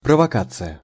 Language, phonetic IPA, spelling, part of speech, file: Russian, [prəvɐˈkat͡sɨjə], провокация, noun, Ru-провокация.ogg
- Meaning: provocation